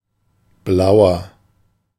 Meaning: 1. comparative degree of blau 2. inflection of blau: strong/mixed nominative masculine singular 3. inflection of blau: strong genitive/dative feminine singular
- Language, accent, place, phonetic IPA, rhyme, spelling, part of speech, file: German, Germany, Berlin, [ˈblaʊ̯ɐ], -aʊ̯ɐ, blauer, adjective, De-blauer.ogg